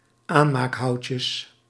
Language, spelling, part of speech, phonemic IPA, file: Dutch, aanmaakhoutjes, noun, /ˈanmakˌhɑuces/, Nl-aanmaakhoutjes.ogg
- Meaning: plural of aanmaakhoutje